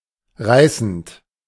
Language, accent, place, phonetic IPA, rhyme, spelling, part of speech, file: German, Germany, Berlin, [ˈʁaɪ̯sn̩t], -aɪ̯sn̩t, reißend, verb, De-reißend.ogg
- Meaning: present participle of reißen